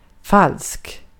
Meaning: 1. false (untrue, not factual, wrong) 2. fake (not the actual thing) 3. false, phony, fake (not genuine, affected) 4. false, phony, fake (not genuine, affected): two-faced
- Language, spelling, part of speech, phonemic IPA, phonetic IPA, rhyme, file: Swedish, falsk, adjective, /falsk/, [fal̪ːs̪k], -alsk, Sv-falsk.ogg